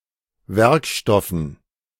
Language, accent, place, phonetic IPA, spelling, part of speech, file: German, Germany, Berlin, [ˈvɛʁkˌʃtɔfn̩], Werkstoffen, noun, De-Werkstoffen.ogg
- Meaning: dative plural of Werkstoff